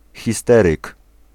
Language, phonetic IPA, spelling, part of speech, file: Polish, [xʲiˈstɛrɨk], histeryk, noun, Pl-histeryk.ogg